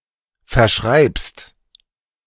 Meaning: second-person singular present of verschreiben
- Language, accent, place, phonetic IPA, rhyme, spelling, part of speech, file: German, Germany, Berlin, [fɛɐ̯ˈʃʁaɪ̯pst], -aɪ̯pst, verschreibst, verb, De-verschreibst.ogg